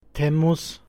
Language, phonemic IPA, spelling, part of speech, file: Turkish, /temˈmuz/, temmuz, noun, Temmuz.ogg
- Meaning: July